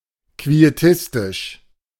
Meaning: quietistic
- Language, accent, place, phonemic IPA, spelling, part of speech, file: German, Germany, Berlin, /kvieˈtɪstɪʃ/, quietistisch, adjective, De-quietistisch.ogg